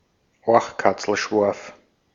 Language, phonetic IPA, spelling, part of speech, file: Bavarian, [ˈoa̯xkat͡sl̩ˌʃwoa̯f], Oachkatzlschwoaf, noun, De-at-Oachkatzlschwoaf.ogg
- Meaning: squirrel tail